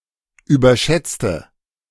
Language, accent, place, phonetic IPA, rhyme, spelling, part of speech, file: German, Germany, Berlin, [yːbɐˈʃɛt͡stə], -ɛt͡stə, überschätzte, adjective / verb, De-überschätzte.ogg
- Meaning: inflection of überschätzen: 1. first/third-person singular preterite 2. first/third-person singular subjunctive II